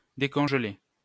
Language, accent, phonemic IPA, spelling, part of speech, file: French, France, /de.kɔ̃ʒ.le/, décongeler, verb, LL-Q150 (fra)-décongeler.wav
- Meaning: to thaw, unfreeze, defrost